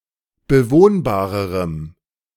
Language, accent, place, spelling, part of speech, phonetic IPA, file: German, Germany, Berlin, bewohnbarerem, adjective, [bəˈvoːnbaːʁəʁəm], De-bewohnbarerem.ogg
- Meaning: strong dative masculine/neuter singular comparative degree of bewohnbar